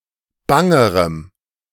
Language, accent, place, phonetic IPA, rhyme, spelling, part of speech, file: German, Germany, Berlin, [ˈbaŋəʁəm], -aŋəʁəm, bangerem, adjective, De-bangerem.ogg
- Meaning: strong dative masculine/neuter singular comparative degree of bang